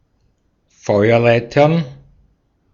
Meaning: plural of Feuerleiter
- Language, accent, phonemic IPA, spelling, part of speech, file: German, Austria, /ˈfɔɪ̯ɐˌlaɪ̯tɐn/, Feuerleitern, noun, De-at-Feuerleitern.ogg